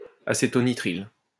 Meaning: acetonitrile
- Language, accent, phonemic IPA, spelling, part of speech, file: French, France, /a.se.tɔ.ni.tʁil/, acétonitrile, noun, LL-Q150 (fra)-acétonitrile.wav